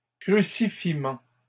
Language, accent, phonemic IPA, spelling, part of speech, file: French, Canada, /kʁy.si.fi.mɑ̃/, crucifiements, noun, LL-Q150 (fra)-crucifiements.wav
- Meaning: plural of crucifiement